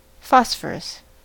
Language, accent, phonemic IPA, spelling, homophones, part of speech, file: English, US, /ˈfɑs.fɚ.əs/, phosphorus, phosphorous / Phosphorus, noun, En-us-phosphorus.ogg
- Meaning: A chemical element (symbol P) with an atomic number of 15, that exists in several allotropic forms